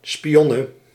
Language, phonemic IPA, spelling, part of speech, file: Dutch, /spiˈjɔnə/, spionne, noun, Nl-spionne.ogg
- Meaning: female spy, a woman who secretly gathers information